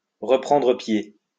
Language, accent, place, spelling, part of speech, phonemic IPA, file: French, France, Lyon, reprendre pied, verb, /ʁə.pʁɑ̃.dʁə pje/, LL-Q150 (fra)-reprendre pied.wav
- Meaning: to get one's bearings back, to regain one's footing, to get back on one's feet, to get back on track